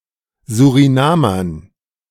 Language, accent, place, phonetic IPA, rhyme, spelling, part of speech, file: German, Germany, Berlin, [zuʁiˈnaːmɐn], -aːmɐn, Surinamern, noun, De-Surinamern.ogg
- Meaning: dative plural of Surinamer